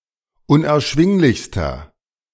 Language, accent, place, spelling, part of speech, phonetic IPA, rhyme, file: German, Germany, Berlin, unerschwinglichster, adjective, [ʊnʔɛɐ̯ˈʃvɪŋlɪçstɐ], -ɪŋlɪçstɐ, De-unerschwinglichster.ogg
- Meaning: inflection of unerschwinglich: 1. strong/mixed nominative masculine singular superlative degree 2. strong genitive/dative feminine singular superlative degree